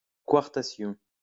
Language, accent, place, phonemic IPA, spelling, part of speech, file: French, France, Lyon, /kaʁ.ta.sjɔ̃/, quartation, noun, LL-Q150 (fra)-quartation.wav
- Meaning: quartation